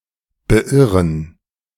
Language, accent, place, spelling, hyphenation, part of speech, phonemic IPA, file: German, Germany, Berlin, beirren, be‧ir‧ren, verb, /bəˈʔɪʁən/, De-beirren.ogg
- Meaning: to put off, to make unsure, to deter